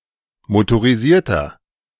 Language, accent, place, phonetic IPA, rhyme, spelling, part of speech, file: German, Germany, Berlin, [motoʁiˈziːɐ̯tɐ], -iːɐ̯tɐ, motorisierter, adjective, De-motorisierter.ogg
- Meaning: inflection of motorisiert: 1. strong/mixed nominative masculine singular 2. strong genitive/dative feminine singular 3. strong genitive plural